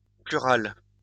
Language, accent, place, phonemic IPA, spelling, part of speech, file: French, France, Lyon, /ply.ʁal/, plural, adjective, LL-Q150 (fra)-plural.wav
- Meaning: plural, large